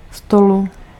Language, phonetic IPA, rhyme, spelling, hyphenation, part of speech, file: Czech, [ˈstolu], -olu, stolu, sto‧lu, noun, Cs-stolu.ogg
- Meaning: genitive/dative/locative singular of stůl